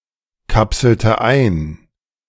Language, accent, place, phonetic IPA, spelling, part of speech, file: German, Germany, Berlin, [ˌkapsl̩tə ˈaɪ̯n], kapselte ein, verb, De-kapselte ein.ogg
- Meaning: inflection of einkapseln: 1. first/third-person singular preterite 2. first/third-person singular subjunctive II